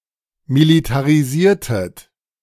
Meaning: inflection of militarisieren: 1. second-person plural preterite 2. second-person plural subjunctive II
- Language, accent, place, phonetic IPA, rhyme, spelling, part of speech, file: German, Germany, Berlin, [militaʁiˈziːɐ̯tət], -iːɐ̯tət, militarisiertet, verb, De-militarisiertet.ogg